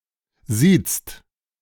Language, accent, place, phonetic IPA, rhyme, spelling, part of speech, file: German, Germany, Berlin, [ziːt͡st], -iːt͡st, siezt, verb, De-siezt.ogg
- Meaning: inflection of siezen: 1. second-person singular/plural present 2. third-person singular present 3. plural imperative